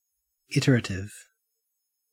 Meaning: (adjective) Of a procedure that involves repetition of steps (iteration) to achieve the desired outcome; in computing this may involve a mechanism such as a loop
- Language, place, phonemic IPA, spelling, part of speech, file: English, Queensland, /ˈɪt(ə)ɹətɪv/, iterative, adjective / noun, En-au-iterative.ogg